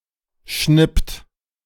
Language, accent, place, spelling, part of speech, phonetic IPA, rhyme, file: German, Germany, Berlin, schnippt, verb, [ʃnɪpt], -ɪpt, De-schnippt.ogg
- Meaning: inflection of schnippen: 1. second-person plural present 2. third-person singular present 3. plural imperative